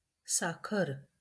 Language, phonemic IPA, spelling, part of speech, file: Marathi, /sa.kʰəɾ/, साखर, noun, LL-Q1571 (mar)-साखर.wav
- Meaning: sugar